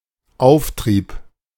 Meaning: lift (lifting force); buoyancy
- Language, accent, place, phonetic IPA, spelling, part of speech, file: German, Germany, Berlin, [ˈaʊ̯fˌtʁiːp], Auftrieb, noun, De-Auftrieb.ogg